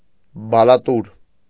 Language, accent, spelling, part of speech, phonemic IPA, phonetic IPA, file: Armenian, Eastern Armenian, բալատուր, noun, /bɑlɑˈtuɾ/, [bɑlɑtúɾ], Hy-բալատուր.ogg
- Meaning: 1. cashew nut 2. marking-nut tree, Semecarpus anacardium